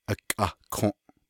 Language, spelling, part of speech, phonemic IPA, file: Navajo, akʼahkǫʼ, noun, /ʔɑ̀kʼɑ̀hkʰõ̀ʔ/, Nv-akʼahkǫʼ.ogg
- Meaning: 1. petroleum, oil 2. motor oil 3. kerosene 4. oil lamp 5. candle